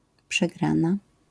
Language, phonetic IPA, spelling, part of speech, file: Polish, [pʃɛˈɡrãna], przegrana, noun, LL-Q809 (pol)-przegrana.wav